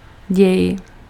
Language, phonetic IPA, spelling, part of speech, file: Czech, [ˈɟɛj], děj, noun / verb, Cs-děj.ogg
- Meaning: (noun) 1. process (path of succession of states through which a system passes) 2. plot, story (in a movie, theater play, book of fiction); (verb) second-person singular imperative of dít